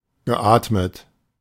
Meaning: past participle of atmen
- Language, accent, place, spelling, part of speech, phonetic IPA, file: German, Germany, Berlin, geatmet, verb, [ɡəˈʔaːtmət], De-geatmet.ogg